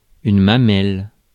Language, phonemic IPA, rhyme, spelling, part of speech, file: French, /ma.mɛl/, -ɛl, mamelle, noun, Fr-mamelle.ogg
- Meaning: 1. breast 2. nipple